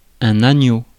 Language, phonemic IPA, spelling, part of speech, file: French, /a.ɲo/, agneau, noun, Fr-agneau.ogg
- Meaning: 1. lamb (young sheep) 2. lamb (sheep meat) 3. lambskin